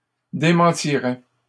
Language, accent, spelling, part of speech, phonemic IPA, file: French, Canada, démentirais, verb, /de.mɑ̃.ti.ʁɛ/, LL-Q150 (fra)-démentirais.wav
- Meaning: first/second-person singular conditional of démentir